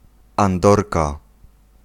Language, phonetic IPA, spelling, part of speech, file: Polish, [ãnˈdɔrka], andorka, noun, Pl-andorka.ogg